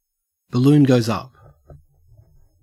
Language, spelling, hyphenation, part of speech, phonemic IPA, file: English, balloon goes up, bal‧loon goes up, phrase, /bəˌlʉːn ɡəʉ̯z ˈɐp/, En-au-balloon goes up.ogg
- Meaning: 1. Something exciting, risky, or troublesome begins 2. Used other than figuratively or idiomatically: see balloon, go, up